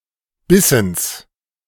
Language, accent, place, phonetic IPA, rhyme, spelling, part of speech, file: German, Germany, Berlin, [ˈbɪsn̩s], -ɪsn̩s, Bissens, noun, De-Bissens.ogg
- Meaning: genitive singular of Bissen